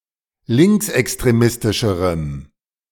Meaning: strong dative masculine/neuter singular comparative degree of linksextremistisch
- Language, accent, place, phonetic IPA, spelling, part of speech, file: German, Germany, Berlin, [ˈlɪŋksʔɛkstʁeˌmɪstɪʃəʁəm], linksextremistischerem, adjective, De-linksextremistischerem.ogg